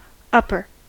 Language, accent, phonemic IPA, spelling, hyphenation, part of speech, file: English, US, /ˈʌpɚ/, upper, up‧per, adjective / noun / verb, En-us-upper.ogg
- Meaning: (adjective) 1. At a higher physical position, level, rank or order 2. Situated on higher ground, further inland, more upstream, or more northerly 3. Younger, more recent